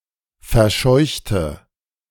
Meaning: inflection of verscheuchen: 1. first/third-person singular preterite 2. first/third-person singular subjunctive II
- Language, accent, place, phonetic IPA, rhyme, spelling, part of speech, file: German, Germany, Berlin, [fɛɐ̯ˈʃɔɪ̯çtə], -ɔɪ̯çtə, verscheuchte, adjective / verb, De-verscheuchte.ogg